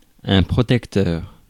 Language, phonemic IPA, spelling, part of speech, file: French, /pʁɔ.tɛk.tœʁ/, protecteur, noun / adjective, Fr-protecteur.ogg
- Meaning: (noun) 1. protector 2. ombudsman; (adjective) protective (related to or used for protection)